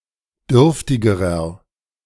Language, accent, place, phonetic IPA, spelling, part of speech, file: German, Germany, Berlin, [ˈdʏʁftɪɡəʁɐ], dürftigerer, adjective, De-dürftigerer.ogg
- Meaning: inflection of dürftig: 1. strong/mixed nominative masculine singular comparative degree 2. strong genitive/dative feminine singular comparative degree 3. strong genitive plural comparative degree